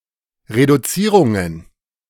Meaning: plural of Reduzierung
- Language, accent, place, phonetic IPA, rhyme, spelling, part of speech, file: German, Germany, Berlin, [ʁeduˈt͡siːʁʊŋən], -iːʁʊŋən, Reduzierungen, noun, De-Reduzierungen.ogg